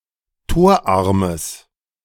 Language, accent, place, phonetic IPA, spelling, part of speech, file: German, Germany, Berlin, [ˈtoːɐ̯ˌʔaʁməs], torarmes, adjective, De-torarmes.ogg
- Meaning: strong/mixed nominative/accusative neuter singular of torarm